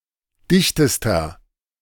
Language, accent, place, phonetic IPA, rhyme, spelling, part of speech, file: German, Germany, Berlin, [ˈdɪçtəstɐ], -ɪçtəstɐ, dichtester, adjective, De-dichtester.ogg
- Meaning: inflection of dicht: 1. strong/mixed nominative masculine singular superlative degree 2. strong genitive/dative feminine singular superlative degree 3. strong genitive plural superlative degree